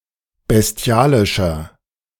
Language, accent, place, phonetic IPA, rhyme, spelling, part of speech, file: German, Germany, Berlin, [bɛsˈti̯aːlɪʃɐ], -aːlɪʃɐ, bestialischer, adjective, De-bestialischer.ogg
- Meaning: 1. comparative degree of bestialisch 2. inflection of bestialisch: strong/mixed nominative masculine singular 3. inflection of bestialisch: strong genitive/dative feminine singular